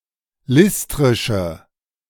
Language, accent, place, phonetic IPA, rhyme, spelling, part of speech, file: German, Germany, Berlin, [ˈlɪstʁɪʃə], -ɪstʁɪʃə, listrische, adjective, De-listrische.ogg
- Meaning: inflection of listrisch: 1. strong/mixed nominative/accusative feminine singular 2. strong nominative/accusative plural 3. weak nominative all-gender singular